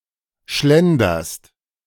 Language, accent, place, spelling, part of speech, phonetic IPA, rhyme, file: German, Germany, Berlin, schlenderst, verb, [ˈʃlɛndɐst], -ɛndɐst, De-schlenderst.ogg
- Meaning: second-person singular present of schlendern